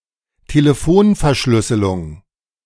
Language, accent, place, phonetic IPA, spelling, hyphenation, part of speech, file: German, Germany, Berlin, [teleˈfoːnɛɐ̯ˌʃlʏsəlʊŋ], Telefonverschlüsselung, Te‧le‧fon‧ver‧schlüs‧se‧lung, noun, De-Telefonverschlüsselung.ogg
- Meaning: phone encryption